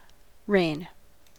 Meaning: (noun) 1. The exercise of sovereign power 2. The period during which a monarch rules 3. The territory or sphere over which a kingdom; empire; realm; dominion, etc. is ruled
- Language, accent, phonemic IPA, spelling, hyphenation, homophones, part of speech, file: English, US, /ɹeɪ̯n/, reign, reign, rain / rein, noun / verb, En-us-reign.ogg